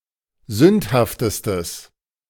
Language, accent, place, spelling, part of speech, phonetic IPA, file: German, Germany, Berlin, sündhaftestes, adjective, [ˈzʏnthaftəstəs], De-sündhaftestes.ogg
- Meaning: strong/mixed nominative/accusative neuter singular superlative degree of sündhaft